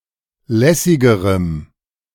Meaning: strong dative masculine/neuter singular comparative degree of lässig
- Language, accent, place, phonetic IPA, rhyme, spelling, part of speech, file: German, Germany, Berlin, [ˈlɛsɪɡəʁəm], -ɛsɪɡəʁəm, lässigerem, adjective, De-lässigerem.ogg